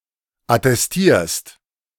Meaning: second-person singular present of attestieren
- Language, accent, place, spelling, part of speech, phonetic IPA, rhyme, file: German, Germany, Berlin, attestierst, verb, [atɛsˈtiːɐ̯st], -iːɐ̯st, De-attestierst.ogg